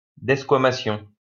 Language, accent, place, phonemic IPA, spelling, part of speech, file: French, France, Lyon, /dɛs.kwa.ma.sjɔ̃/, desquamation, noun, LL-Q150 (fra)-desquamation.wav
- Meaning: desquamation